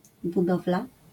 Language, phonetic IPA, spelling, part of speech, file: Polish, [buˈdɔvla], budowla, noun, LL-Q809 (pol)-budowla.wav